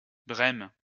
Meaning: 1. Bremen (the capital city of the state of Bremen, Germany) 2. Bremen (a state of Germany)
- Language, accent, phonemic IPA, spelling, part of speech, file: French, France, /bʁɛm/, Brême, proper noun, LL-Q150 (fra)-Brême.wav